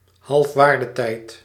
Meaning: half-life
- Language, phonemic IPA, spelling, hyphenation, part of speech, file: Dutch, /ˈɦɑlf.ʋaːr.dəˌtɛi̯t/, halfwaardetijd, half‧waar‧de‧tijd, noun, Nl-halfwaardetijd.ogg